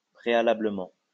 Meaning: beforehand, first
- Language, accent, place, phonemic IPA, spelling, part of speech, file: French, France, Lyon, /pʁe.a.la.blə.mɑ̃/, préalablement, adverb, LL-Q150 (fra)-préalablement.wav